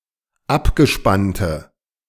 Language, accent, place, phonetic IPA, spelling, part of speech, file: German, Germany, Berlin, [ˈapɡəˌʃpantə], abgespannte, adjective, De-abgespannte.ogg
- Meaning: inflection of abgespannt: 1. strong/mixed nominative/accusative feminine singular 2. strong nominative/accusative plural 3. weak nominative all-gender singular